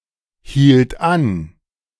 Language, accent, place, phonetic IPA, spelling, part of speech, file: German, Germany, Berlin, [ˌhiːlt ˈan], hielt an, verb, De-hielt an.ogg
- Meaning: first/third-person singular preterite of anhalten